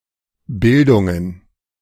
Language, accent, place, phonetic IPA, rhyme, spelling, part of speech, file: German, Germany, Berlin, [ˈbɪldʊŋən], -ɪldʊŋən, Bildungen, noun, De-Bildungen.ogg
- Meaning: plural of Bildung